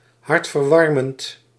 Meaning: heartwarming
- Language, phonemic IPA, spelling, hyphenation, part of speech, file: Dutch, /ˌɦɑrtvərˈʋɑrmənt/, hartverwarmend, hart‧ver‧war‧mend, adjective, Nl-hartverwarmend.ogg